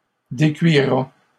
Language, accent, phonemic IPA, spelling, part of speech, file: French, Canada, /de.kɥi.ʁa/, décuira, verb, LL-Q150 (fra)-décuira.wav
- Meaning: third-person singular future of décuire